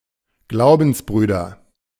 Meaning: nominative/accusative/genitive plural of Glaubensbruder
- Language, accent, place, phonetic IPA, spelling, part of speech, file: German, Germany, Berlin, [ˈɡlaʊ̯bn̩sˌbʁyːdɐ], Glaubensbrüder, noun, De-Glaubensbrüder.ogg